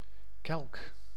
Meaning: 1. a chalice, a goblet 2. a calyx (outermost whorl of flower parts)
- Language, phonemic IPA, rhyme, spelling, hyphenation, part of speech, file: Dutch, /kɛlk/, -ɛlk, kelk, kelk, noun, Nl-kelk.ogg